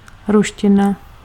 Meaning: Russian (language)
- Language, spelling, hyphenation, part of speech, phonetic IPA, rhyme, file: Czech, ruština, ru‧š‧ti‧na, noun, [ˈruʃcɪna], -ɪna, Cs-ruština.ogg